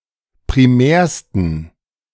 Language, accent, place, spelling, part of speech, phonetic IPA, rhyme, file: German, Germany, Berlin, primärsten, adjective, [pʁiˈmɛːɐ̯stn̩], -ɛːɐ̯stn̩, De-primärsten.ogg
- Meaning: 1. superlative degree of primär 2. inflection of primär: strong genitive masculine/neuter singular superlative degree